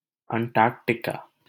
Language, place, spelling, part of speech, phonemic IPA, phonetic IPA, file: Hindi, Delhi, अंटार्टिका, proper noun, /əɳ.ʈɑːɾ.ʈɪ.kɑː/, [ɐ̃ɳ.ʈäːɾ.ʈɪ.käː], LL-Q1568 (hin)-अंटार्टिका.wav
- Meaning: alternative form of अंटार्कटिका (aṇṭārkṭikā)